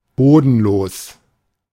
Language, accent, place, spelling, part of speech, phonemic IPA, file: German, Germany, Berlin, bodenlos, adjective, /ˈboːdn̩ˌloːs/, De-bodenlos.ogg
- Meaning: 1. bottomless 2. enormous, incredible 3. outrageous, scandalous